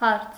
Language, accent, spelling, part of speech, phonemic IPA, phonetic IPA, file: Armenian, Eastern Armenian, հարց, noun, /hɑɾt͡sʰ/, [hɑɾt͡sʰ], Hy-հարց.ogg
- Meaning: 1. question 2. question, issue; problem 3. matter (of), question (of)